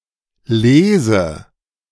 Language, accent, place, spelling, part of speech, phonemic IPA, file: German, Germany, Berlin, Lese, noun, /ˈleːzə/, De-Lese.ogg
- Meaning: harvest, picking